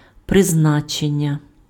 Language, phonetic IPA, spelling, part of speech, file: Ukrainian, [prezˈnat͡ʃenʲːɐ], призначення, noun, Uk-призначення.ogg
- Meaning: 1. appointment, assignment 2. purpose, function, role 3. prescription